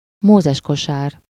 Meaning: Moses basket, bassinet (a newborn baby's bed, typically made of woven reeds or straw)
- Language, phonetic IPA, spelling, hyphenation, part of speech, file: Hungarian, [ˈmoːzɛʃkoʃaːr], mózeskosár, mó‧zes‧ko‧sár, noun, Hu-mózeskosár.ogg